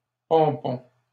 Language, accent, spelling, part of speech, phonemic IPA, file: French, Canada, pompon, noun, /pɔ̃.pɔ̃/, LL-Q150 (fra)-pompon.wav
- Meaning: 1. pompon (bundle of yarn, string, ribbon, etc.) 2. culmination; climax; a very good or bad exemplar or end result